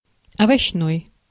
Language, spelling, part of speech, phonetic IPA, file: Russian, овощной, adjective, [ɐvɐɕːˈnoj], Ru-овощной.ogg
- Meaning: vegetable